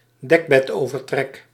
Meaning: duvet cover
- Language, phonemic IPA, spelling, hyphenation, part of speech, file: Dutch, /ˈdɛk.bɛtˌoː.vər.trɛk/, dekbedovertrek, dek‧bed‧over‧trek, noun, Nl-dekbedovertrek.ogg